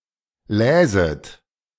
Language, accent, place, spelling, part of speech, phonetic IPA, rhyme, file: German, Germany, Berlin, läset, verb, [ˈlɛːzət], -ɛːzət, De-läset.ogg
- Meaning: second-person plural subjunctive II of lesen